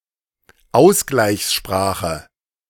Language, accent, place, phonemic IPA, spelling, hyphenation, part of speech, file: German, Germany, Berlin, /ˈaʊ̯sɡlaɪ̯çsˌʃpʁaːxə/, Ausgleichssprache, Aus‧gleichs‧spra‧che, noun, De-Ausgleichssprache.ogg
- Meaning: koiné